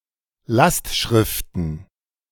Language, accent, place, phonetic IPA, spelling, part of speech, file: German, Germany, Berlin, [ˈlastˌʃʁɪftn̩], Lastschriften, noun, De-Lastschriften.ogg
- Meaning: plural of Lastschrift